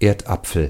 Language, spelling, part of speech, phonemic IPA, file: German, Erdapfel, noun, /ˈeːɐ̯tˌʔa.p͡fl̩/, De-Erdapfel.ogg
- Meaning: potato